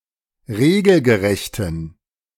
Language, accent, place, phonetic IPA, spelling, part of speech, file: German, Germany, Berlin, [ˈʁeːɡl̩ɡəˌʁɛçtn̩], regelgerechten, adjective, De-regelgerechten.ogg
- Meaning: inflection of regelgerecht: 1. strong genitive masculine/neuter singular 2. weak/mixed genitive/dative all-gender singular 3. strong/weak/mixed accusative masculine singular 4. strong dative plural